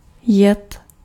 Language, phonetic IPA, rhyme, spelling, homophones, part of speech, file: Czech, [ˈjɛt], -ɛt, jet, jed, verb, Cs-jet.ogg
- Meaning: 1. to ride 2. to go (by vehicle)